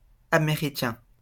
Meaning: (adjective) 1. of or pertaining to America; American 2. English (of or pertaining to the English language); "American" 3. anglophone, English-speaking
- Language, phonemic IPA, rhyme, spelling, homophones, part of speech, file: French, /a.me.ʁi.kɛ̃/, -ɛ̃, américain, Américain / américains / Américains, adjective / noun, LL-Q150 (fra)-américain.wav